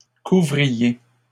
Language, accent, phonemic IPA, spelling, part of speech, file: French, Canada, /ku.vʁi.je/, couvriez, verb, LL-Q150 (fra)-couvriez.wav
- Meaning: inflection of couvrir: 1. second-person plural imperfect indicative 2. second-person plural present subjunctive